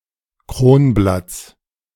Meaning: genitive singular of Kronblatt
- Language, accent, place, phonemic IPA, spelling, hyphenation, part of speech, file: German, Germany, Berlin, /ˈkroːnˌblats/, Kronblatts, Kron‧blatts, noun, De-Kronblatts.ogg